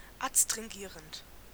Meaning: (verb) present participle of adstringieren; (adjective) astringent
- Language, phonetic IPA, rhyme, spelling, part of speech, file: German, [atstʁɪŋˈɡiːʁənt], -iːʁənt, adstringierend, adjective, De-adstringierend.oga